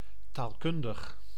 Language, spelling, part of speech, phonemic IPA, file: Dutch, taalkundig, adjective, /talˈkʏndəx/, Nl-taalkundig.ogg
- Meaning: linguistic